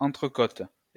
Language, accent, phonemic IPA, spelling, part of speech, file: French, France, /ɑ̃.tʁə.kot/, entrecôte, noun, LL-Q150 (fra)-entrecôte.wav
- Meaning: entrecôte, a type of steak